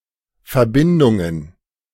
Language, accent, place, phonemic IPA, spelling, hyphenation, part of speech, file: German, Germany, Berlin, /fɛɐ̯ˈbɪndʊŋən/, Verbindungen, Ver‧bin‧dun‧gen, noun, De-Verbindungen.ogg
- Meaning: plural of Verbindung